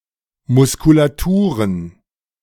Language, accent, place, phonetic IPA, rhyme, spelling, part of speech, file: German, Germany, Berlin, [ˌmʊskulaˈtuːʁən], -uːʁən, Muskulaturen, noun, De-Muskulaturen.ogg
- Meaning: plural of Muskulatur